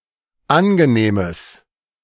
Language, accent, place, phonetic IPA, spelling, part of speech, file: German, Germany, Berlin, [ˈanɡəˌneːməs], angenehmes, adjective, De-angenehmes.ogg
- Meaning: strong/mixed nominative/accusative neuter singular of angenehm